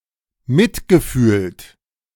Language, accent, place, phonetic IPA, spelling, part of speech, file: German, Germany, Berlin, [ˈmɪtɡəˌfyːlt], mitgefühlt, verb, De-mitgefühlt.ogg
- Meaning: past participle of mitfühlen